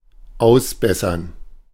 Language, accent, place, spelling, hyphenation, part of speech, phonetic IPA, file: German, Germany, Berlin, ausbessern, aus‧bes‧sern, verb, [ˈaʊ̯sˌbɛsɐn], De-ausbessern.ogg
- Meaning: to mend, to fix